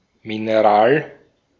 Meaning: 1. mineral 2. clipping of Mineralwasser
- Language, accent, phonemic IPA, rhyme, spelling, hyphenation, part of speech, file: German, Austria, /ˌmɪnɐˈʁaːl/, -aːl, Mineral, Mi‧ne‧ral, noun, De-at-Mineral.ogg